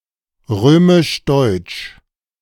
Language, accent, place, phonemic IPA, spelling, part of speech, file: German, Germany, Berlin, /ˈʁøːmɪʃˈdɔɪ̯t͡ʃ/, römisch-deutsch, adjective, De-römisch-deutsch.ogg
- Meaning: of the Holy Roman Empire; Romano-Germanic